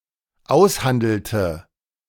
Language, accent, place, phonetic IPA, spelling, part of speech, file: German, Germany, Berlin, [ˈaʊ̯sˌhandl̩tə], aushandelte, verb, De-aushandelte.ogg
- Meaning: inflection of aushandeln: 1. first/third-person singular dependent preterite 2. first/third-person singular dependent subjunctive II